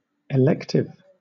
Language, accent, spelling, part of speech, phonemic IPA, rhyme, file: English, Southern England, elective, adjective / noun, /ɪˈlɛktɪv/, -ɛktɪv, LL-Q1860 (eng)-elective.wav
- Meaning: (adjective) 1. Of, or pertaining to voting or elections; involving a choice between options 2. Open to choice; freely chosen; (also, usually) unnecessary; minor